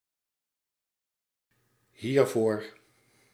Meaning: pronominal adverb form of voor + dit
- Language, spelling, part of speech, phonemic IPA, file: Dutch, hiervoor, adverb, /ˈhiervor/, Nl-hiervoor.ogg